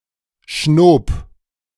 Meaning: first/third-person singular preterite of schnauben
- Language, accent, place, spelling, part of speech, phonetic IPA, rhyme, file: German, Germany, Berlin, schnob, verb, [ʃnoːp], -oːp, De-schnob.ogg